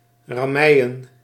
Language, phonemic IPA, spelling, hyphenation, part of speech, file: Dutch, /ˌrɑˈmɛi̯.ə(n)/, rammeien, ram‧mei‧en, verb, Nl-rammeien.ogg
- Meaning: 1. to knock, to pound 2. to batter, to ram with a battering ram